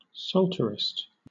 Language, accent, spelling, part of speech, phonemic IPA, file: English, Southern England, psalterist, noun, /ˈsɔːltəɹɪst/, LL-Q1860 (eng)-psalterist.wav
- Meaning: Someone who plays a psaltery